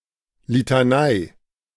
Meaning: 1. litany 2. a recurring lecture, an annoyingly repeated admonition or enumeration
- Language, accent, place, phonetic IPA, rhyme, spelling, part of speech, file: German, Germany, Berlin, [litaˈnaɪ̯], -aɪ̯, Litanei, noun, De-Litanei.ogg